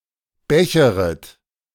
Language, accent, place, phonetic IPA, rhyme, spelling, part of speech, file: German, Germany, Berlin, [ˈbɛçəʁət], -ɛçəʁət, becheret, verb, De-becheret.ogg
- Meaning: second-person plural subjunctive I of bechern